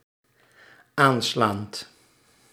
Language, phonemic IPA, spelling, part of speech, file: Dutch, /ˈanslant/, aanslaand, verb, Nl-aanslaand.ogg
- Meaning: present participle of aanslaan